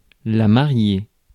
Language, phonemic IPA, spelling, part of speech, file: French, /ma.ʁje/, mariée, adjective / noun, Fr-mariée.ogg
- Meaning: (adjective) feminine singular of marié; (noun) bride